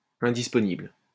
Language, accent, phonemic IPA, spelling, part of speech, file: French, France, /ɛ̃.dis.pɔ.nibl/, indisponible, adjective, LL-Q150 (fra)-indisponible.wav
- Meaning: unavailable